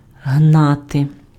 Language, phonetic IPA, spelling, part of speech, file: Ukrainian, [ˈɦnate], гнати, verb, Uk-гнати.ogg
- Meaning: to chase, to pursue, to chivvy